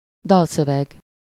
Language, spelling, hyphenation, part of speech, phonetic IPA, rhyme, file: Hungarian, dalszöveg, dal‧szö‧veg, noun, [ˈdɒlsøvɛɡ], -ɛɡ, Hu-dalszöveg.ogg
- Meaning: lyrics (the words to a song)